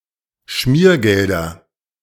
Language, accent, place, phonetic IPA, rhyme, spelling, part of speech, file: German, Germany, Berlin, [ˈʃmiːɐ̯ˌɡɛldɐ], -iːɐ̯ɡɛldɐ, Schmiergelder, noun, De-Schmiergelder.ogg
- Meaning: nominative/accusative/genitive plural of Schmiergeld